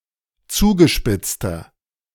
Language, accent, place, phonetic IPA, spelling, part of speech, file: German, Germany, Berlin, [ˈt͡suːɡəˌʃpɪt͡stɐ], zugespitzter, adjective, De-zugespitzter.ogg
- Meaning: inflection of zugespitzt: 1. strong/mixed nominative masculine singular 2. strong genitive/dative feminine singular 3. strong genitive plural